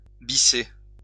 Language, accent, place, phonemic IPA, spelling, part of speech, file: French, France, Lyon, /bi.se/, bisser, verb, LL-Q150 (fra)-bisser.wav
- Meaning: 1. to repeat; to perform an encore 2. to request a repeat; to call for an encore, to encore 3. to repeat a year at school